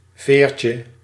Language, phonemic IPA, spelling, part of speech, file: Dutch, /ˈvercə/, veertje, noun, Nl-veertje.ogg
- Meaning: diminutive of veer